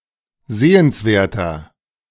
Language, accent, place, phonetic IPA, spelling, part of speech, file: German, Germany, Berlin, [ˈzeːənsˌveːɐ̯tɐ], sehenswerter, adjective, De-sehenswerter.ogg
- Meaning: 1. comparative degree of sehenswert 2. inflection of sehenswert: strong/mixed nominative masculine singular 3. inflection of sehenswert: strong genitive/dative feminine singular